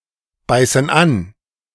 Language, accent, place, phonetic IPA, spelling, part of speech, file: German, Germany, Berlin, [ˌbaɪ̯sn̩ ˈan], beißen an, verb, De-beißen an.ogg
- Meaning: inflection of anbeißen: 1. first/third-person plural present 2. first/third-person plural subjunctive I